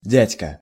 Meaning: 1. uncle 2. man, guy; gaffer, guv
- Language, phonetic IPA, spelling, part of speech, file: Russian, [ˈdʲætʲkə], дядька, noun, Ru-дядька.ogg